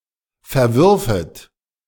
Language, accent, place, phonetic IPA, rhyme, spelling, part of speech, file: German, Germany, Berlin, [fɛɐ̯ˈvʏʁfət], -ʏʁfət, verwürfet, verb, De-verwürfet.ogg
- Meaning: second-person plural subjunctive II of verwerfen